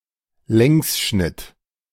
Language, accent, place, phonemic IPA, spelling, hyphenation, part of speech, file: German, Germany, Berlin, /ˈlɛŋsˌʃnɪt/, Längsschnitt, Längs‧schnitt, noun, De-Längsschnitt.ogg
- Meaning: longitudinal section